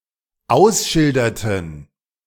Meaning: inflection of ausschildern: 1. first/third-person plural dependent preterite 2. first/third-person plural dependent subjunctive II
- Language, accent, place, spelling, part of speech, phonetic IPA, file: German, Germany, Berlin, ausschilderten, verb, [ˈaʊ̯sˌʃɪldɐtn̩], De-ausschilderten.ogg